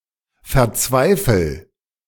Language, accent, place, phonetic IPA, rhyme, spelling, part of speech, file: German, Germany, Berlin, [fɛɐ̯ˈt͡svaɪ̯fl̩], -aɪ̯fl̩, verzweifel, verb, De-verzweifel.ogg
- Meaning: inflection of verzweifeln: 1. first-person singular present 2. singular imperative